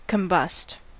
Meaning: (verb) 1. To burn up, to burn away, to consume with fire 2. To burn, to be consumed by fire; to catch fire
- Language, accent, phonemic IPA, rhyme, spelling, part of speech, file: English, US, /kəmˈbʌst/, -ʌst, combust, verb / adjective / noun, En-us-combust.ogg